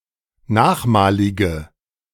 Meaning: inflection of nachmalig: 1. strong/mixed nominative/accusative feminine singular 2. strong nominative/accusative plural 3. weak nominative all-gender singular
- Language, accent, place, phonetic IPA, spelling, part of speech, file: German, Germany, Berlin, [ˈnaːxˌmaːlɪɡə], nachmalige, adjective, De-nachmalige.ogg